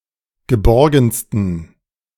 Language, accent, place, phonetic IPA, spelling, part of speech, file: German, Germany, Berlin, [ɡəˈbɔʁɡn̩stən], geborgensten, adjective, De-geborgensten.ogg
- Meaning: 1. superlative degree of geborgen 2. inflection of geborgen: strong genitive masculine/neuter singular superlative degree